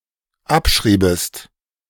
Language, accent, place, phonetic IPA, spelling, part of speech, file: German, Germany, Berlin, [ˈapˌʃʁiːbəst], abschriebest, verb, De-abschriebest.ogg
- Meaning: second-person singular dependent subjunctive II of abschreiben